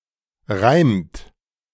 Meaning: inflection of reimen: 1. third-person singular present 2. second-person plural present 3. plural imperative
- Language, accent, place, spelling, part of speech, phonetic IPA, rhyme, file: German, Germany, Berlin, reimt, verb, [ʁaɪ̯mt], -aɪ̯mt, De-reimt.ogg